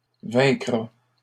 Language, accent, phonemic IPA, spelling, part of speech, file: French, Canada, /vɛ̃.kʁa/, vaincra, verb, LL-Q150 (fra)-vaincra.wav
- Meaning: third-person singular future of vaincre